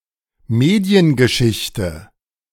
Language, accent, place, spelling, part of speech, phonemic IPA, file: German, Germany, Berlin, Mediengeschichte, noun, /ˈmeːdi̯ənɡəˌʃɪçtə/, De-Mediengeschichte.ogg
- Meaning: media history